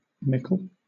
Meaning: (adjective) (Very) great or large; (adverb) 1. To a great extent 2. Frequently, often; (noun) 1. A great amount 2. A small amount 3. Great or important people as a class
- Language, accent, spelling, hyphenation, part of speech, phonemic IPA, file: English, Southern England, mickle, mick‧le, adjective / adverb / noun / determiner / pronoun, /ˈmɪk(ə)l/, LL-Q1860 (eng)-mickle.wav